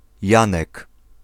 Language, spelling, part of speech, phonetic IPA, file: Polish, Janek, proper noun / noun, [ˈjãnɛk], Pl-Janek.ogg